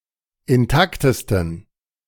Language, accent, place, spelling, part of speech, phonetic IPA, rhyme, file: German, Germany, Berlin, intaktesten, adjective, [ɪnˈtaktəstn̩], -aktəstn̩, De-intaktesten.ogg
- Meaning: 1. superlative degree of intakt 2. inflection of intakt: strong genitive masculine/neuter singular superlative degree